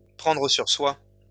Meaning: to take it on the chin, to bite the bullet, to keep one's cool, to take it like a man, to suck it up
- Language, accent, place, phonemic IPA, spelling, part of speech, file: French, France, Lyon, /pʁɑ̃.dʁə syʁ swa/, prendre sur soi, verb, LL-Q150 (fra)-prendre sur soi.wav